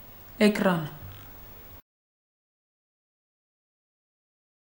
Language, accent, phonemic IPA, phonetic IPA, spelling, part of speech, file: Armenian, Eastern Armenian, /ekˈɾɑn/, [ekɾɑ́n], էկրան, noun, Hy-էկրան.ogg
- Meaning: screen